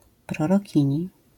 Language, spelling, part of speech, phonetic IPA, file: Polish, prorokini, noun, [ˌprɔrɔˈcĩɲi], LL-Q809 (pol)-prorokini.wav